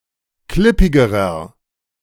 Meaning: inflection of klippig: 1. strong/mixed nominative masculine singular comparative degree 2. strong genitive/dative feminine singular comparative degree 3. strong genitive plural comparative degree
- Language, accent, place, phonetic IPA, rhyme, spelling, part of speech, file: German, Germany, Berlin, [ˈklɪpɪɡəʁɐ], -ɪpɪɡəʁɐ, klippigerer, adjective, De-klippigerer.ogg